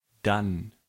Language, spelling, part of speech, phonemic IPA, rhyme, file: German, dann, adverb, /dan/, -an, De-dann2.ogg
- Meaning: 1. then, after that 2. then, in that case